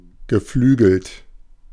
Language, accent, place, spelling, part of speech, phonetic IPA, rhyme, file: German, Germany, Berlin, geflügelt, adjective / verb, [ɡəˈflyːɡl̩t], -yːɡl̩t, De-geflügelt.ogg
- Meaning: 1. winged 2. alate